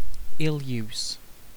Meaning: Bad, cruel or unkind treatment
- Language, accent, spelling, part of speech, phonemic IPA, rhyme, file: English, UK, ill-use, noun, /ɪlˈjuːs/, -uːs, En-uk-ill-use.ogg